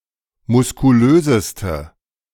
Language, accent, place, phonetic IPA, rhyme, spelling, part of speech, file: German, Germany, Berlin, [mʊskuˈløːzəstə], -øːzəstə, muskulöseste, adjective, De-muskulöseste.ogg
- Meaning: inflection of muskulös: 1. strong/mixed nominative/accusative feminine singular superlative degree 2. strong nominative/accusative plural superlative degree